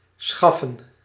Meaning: 1. to procure 2. to serve up
- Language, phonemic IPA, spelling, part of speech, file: Dutch, /ˈsxɑfə(n)/, schaffen, verb, Nl-schaffen.ogg